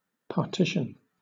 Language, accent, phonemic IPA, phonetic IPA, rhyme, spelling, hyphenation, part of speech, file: English, Southern England, /pɑːˈtɪ.ʃən/, [pʰɑːˈtʰɪ.ʃn̩], -ɪʃən, partition, par‧ti‧tion, noun / verb, LL-Q1860 (eng)-partition.wav
- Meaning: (noun) 1. An action which divides a thing into parts, or separates one thing from another 2. A part of something that has been divided